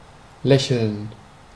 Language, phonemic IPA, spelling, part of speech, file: German, /ˈlɛçəln/, lächeln, verb, De-lächeln.ogg
- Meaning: to smile